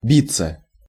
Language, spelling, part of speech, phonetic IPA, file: Russian, биться, verb, [ˈbʲit͡sːə], Ru-биться.ogg
- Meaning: 1. to fight, to struggle 2. to hit (against), to knock (against), to strike 3. to beat, to pulsate 4. to writhe, to toss about 5. to exercise oneself, to drudge, to toil 6. to break, to smash